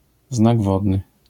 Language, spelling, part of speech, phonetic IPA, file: Polish, znak wodny, noun, [ˈznaɡ ˈvɔdnɨ], LL-Q809 (pol)-znak wodny.wav